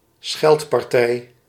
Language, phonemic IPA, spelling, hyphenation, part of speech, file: Dutch, /ˈsxɛlt.pɑrˌtɛi̯/, scheldpartij, scheld‧par‧tij, noun, Nl-scheldpartij.ogg
- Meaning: a bout or fit of using insults and profanity; (if mutual) a slanging match